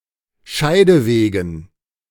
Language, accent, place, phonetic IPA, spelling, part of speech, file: German, Germany, Berlin, [ˈʃaɪ̯dəˌveːɡn̩], Scheidewegen, noun, De-Scheidewegen.ogg
- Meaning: dative plural of Scheideweg